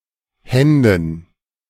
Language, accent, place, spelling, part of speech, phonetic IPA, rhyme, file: German, Germany, Berlin, Händen, noun, [ˈhɛndn̩], -ɛndn̩, De-Händen.ogg
- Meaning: dative plural of Hand